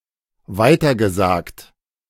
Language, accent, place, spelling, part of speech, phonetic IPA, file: German, Germany, Berlin, weitergesagt, verb, [ˈvaɪ̯tɐɡəˌzaːkt], De-weitergesagt.ogg
- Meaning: past participle of weitersagen